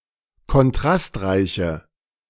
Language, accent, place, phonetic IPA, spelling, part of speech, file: German, Germany, Berlin, [kɔnˈtʁastˌʁaɪ̯çə], kontrastreiche, adjective, De-kontrastreiche.ogg
- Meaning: inflection of kontrastreich: 1. strong/mixed nominative/accusative feminine singular 2. strong nominative/accusative plural 3. weak nominative all-gender singular